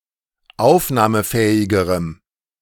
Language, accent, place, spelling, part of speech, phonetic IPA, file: German, Germany, Berlin, aufnahmefähigerem, adjective, [ˈaʊ̯fnaːməˌfɛːɪɡəʁəm], De-aufnahmefähigerem.ogg
- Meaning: strong dative masculine/neuter singular comparative degree of aufnahmefähig